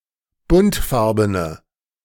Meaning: inflection of buntfarben: 1. strong/mixed nominative/accusative feminine singular 2. strong nominative/accusative plural 3. weak nominative all-gender singular
- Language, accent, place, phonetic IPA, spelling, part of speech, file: German, Germany, Berlin, [ˈbʊntˌfaʁbənə], buntfarbene, adjective, De-buntfarbene.ogg